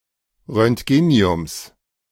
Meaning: genitive singular of Roentgenium
- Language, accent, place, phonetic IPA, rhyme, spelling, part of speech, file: German, Germany, Berlin, [ʁœntˈɡeːni̯ʊms], -eːni̯ʊms, Roentgeniums, noun, De-Roentgeniums.ogg